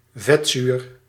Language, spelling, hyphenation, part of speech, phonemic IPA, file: Dutch, vetzuur, vet‧zuur, noun, /ˈvɛtzyr/, Nl-vetzuur.ogg
- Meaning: fatty acid